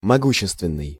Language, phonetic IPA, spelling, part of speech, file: Russian, [mɐˈɡuɕːɪstvʲɪn(ː)ɨj], могущественный, adjective, Ru-могущественный.ogg
- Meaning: powerful, potent